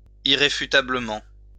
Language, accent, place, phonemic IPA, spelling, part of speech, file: French, France, Lyon, /i.ʁe.fy.ta.blə.mɑ̃/, irréfutablement, adverb, LL-Q150 (fra)-irréfutablement.wav
- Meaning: irrefutably (in a way which is irrefutable)